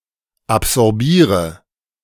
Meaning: inflection of absorbieren: 1. first-person singular present 2. first/third-person singular subjunctive I 3. singular imperative
- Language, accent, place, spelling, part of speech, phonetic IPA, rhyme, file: German, Germany, Berlin, absorbiere, verb, [apzɔʁˈbiːʁə], -iːʁə, De-absorbiere.ogg